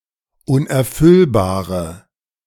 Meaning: inflection of unerfüllbar: 1. strong/mixed nominative/accusative feminine singular 2. strong nominative/accusative plural 3. weak nominative all-gender singular
- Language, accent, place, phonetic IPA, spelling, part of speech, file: German, Germany, Berlin, [ˌʊnʔɛɐ̯ˈfʏlbaːʁə], unerfüllbare, adjective, De-unerfüllbare.ogg